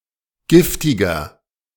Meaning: 1. comparative degree of giftig 2. inflection of giftig: strong/mixed nominative masculine singular 3. inflection of giftig: strong genitive/dative feminine singular
- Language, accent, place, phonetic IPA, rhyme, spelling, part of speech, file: German, Germany, Berlin, [ˈɡɪftɪɡɐ], -ɪftɪɡɐ, giftiger, adjective, De-giftiger.ogg